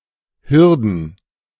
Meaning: plural of Hürde
- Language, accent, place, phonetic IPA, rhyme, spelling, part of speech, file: German, Germany, Berlin, [ˈhʏʁdn̩], -ʏʁdn̩, Hürden, noun, De-Hürden.ogg